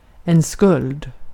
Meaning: 1. debt 2. guilt, blame
- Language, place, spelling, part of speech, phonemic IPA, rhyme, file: Swedish, Gotland, skuld, noun, /skɵld/, -ɵld, Sv-skuld.ogg